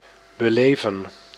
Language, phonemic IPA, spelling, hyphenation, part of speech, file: Dutch, /bəˈleːvə(n)/, beleven, be‧le‧ven, verb, Nl-beleven.ogg
- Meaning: 1. to experience, live through, go through 2. to profess, practice openly (notably a faith or conviction) 3. to live, exist in (a time or space) 4. to observe, follow (a command etc.)